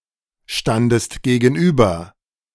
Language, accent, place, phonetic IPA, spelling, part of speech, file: German, Germany, Berlin, [ˌʃtandəst ɡeːɡn̩ˈʔyːbɐ], standest gegenüber, verb, De-standest gegenüber.ogg
- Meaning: second-person singular preterite of gegenüberstehen